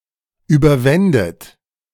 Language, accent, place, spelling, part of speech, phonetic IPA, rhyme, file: German, Germany, Berlin, überwändet, verb, [ˌyːbɐˈvɛndət], -ɛndət, De-überwändet.ogg
- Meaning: second-person plural subjunctive II of überwinden